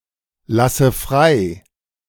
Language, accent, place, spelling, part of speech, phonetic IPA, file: German, Germany, Berlin, lasse frei, verb, [ˌlasə ˈfʁaɪ̯], De-lasse frei.ogg
- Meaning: inflection of freilassen: 1. first-person singular present 2. first/third-person singular subjunctive I 3. singular imperative